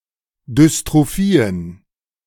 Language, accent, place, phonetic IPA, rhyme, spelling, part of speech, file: German, Germany, Berlin, [dʏstʁoˈfiːən], -iːən, Dystrophien, noun, De-Dystrophien.ogg
- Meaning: plural of Dystrophie